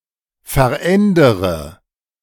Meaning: inflection of verändern: 1. first-person singular present 2. first/third-person singular subjunctive I 3. singular imperative
- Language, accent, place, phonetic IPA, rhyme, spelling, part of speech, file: German, Germany, Berlin, [fɛɐ̯ˈʔɛndəʁə], -ɛndəʁə, verändere, verb, De-verändere.ogg